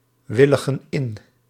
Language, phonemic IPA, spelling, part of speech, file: Dutch, /ˈwɪləɣə(n) ˈɪn/, willigen in, verb, Nl-willigen in.ogg
- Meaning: inflection of inwilligen: 1. plural present indicative 2. plural present subjunctive